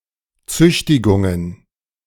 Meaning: plural of Züchtigung
- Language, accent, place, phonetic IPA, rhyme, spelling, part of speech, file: German, Germany, Berlin, [ˈt͡sʏçtɪɡʊŋən], -ʏçtɪɡʊŋən, Züchtigungen, noun, De-Züchtigungen.ogg